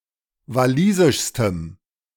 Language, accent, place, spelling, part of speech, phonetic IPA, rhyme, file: German, Germany, Berlin, walisischstem, adjective, [vaˈliːzɪʃstəm], -iːzɪʃstəm, De-walisischstem.ogg
- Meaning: strong dative masculine/neuter singular superlative degree of walisisch